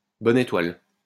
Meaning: lucky star
- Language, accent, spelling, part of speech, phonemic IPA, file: French, France, bonne étoile, noun, /bɔ.n‿e.twal/, LL-Q150 (fra)-bonne étoile.wav